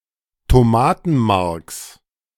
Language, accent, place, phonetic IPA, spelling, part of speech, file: German, Germany, Berlin, [toˈmaːtn̩ˌmaʁks], Tomatenmarks, noun, De-Tomatenmarks.ogg
- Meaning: genitive singular of Tomatenmark